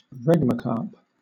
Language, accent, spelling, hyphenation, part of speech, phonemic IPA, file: English, Southern England, regmacarp, reg‧ma‧carp, noun, /ˈɹɛɡməkɑːp/, LL-Q1860 (eng)-regmacarp.wav
- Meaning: A fruit which, when mature, splits open to release its seeds; a dehiscent fruit